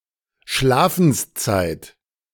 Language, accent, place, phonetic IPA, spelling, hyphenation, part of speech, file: German, Germany, Berlin, [ˈʃlaːfn̩sˌt͡saɪ̯t], Schlafenszeit, Schla‧fens‧zeit, noun, De-Schlafenszeit.ogg
- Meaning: bedtime